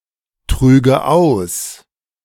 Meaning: first/third-person singular subjunctive II of austragen
- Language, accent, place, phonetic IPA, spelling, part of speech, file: German, Germany, Berlin, [ˌtʁyːɡə ˈaʊ̯s], trüge aus, verb, De-trüge aus.ogg